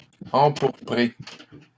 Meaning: masculine plural of empourpré
- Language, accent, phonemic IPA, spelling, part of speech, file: French, Canada, /ɑ̃.puʁ.pʁe/, empourprés, verb, LL-Q150 (fra)-empourprés.wav